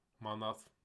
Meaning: 1. ruble 2. manat
- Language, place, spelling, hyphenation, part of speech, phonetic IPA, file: Azerbaijani, Baku, manat, ma‧nat, noun, [mɑˈnɑt], Az-az-manat.ogg